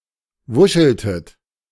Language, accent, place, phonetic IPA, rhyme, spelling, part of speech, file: German, Germany, Berlin, [ˈvʊʃl̩tət], -ʊʃl̩tət, wuscheltet, verb, De-wuscheltet.ogg
- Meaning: inflection of wuscheln: 1. second-person plural preterite 2. second-person plural subjunctive II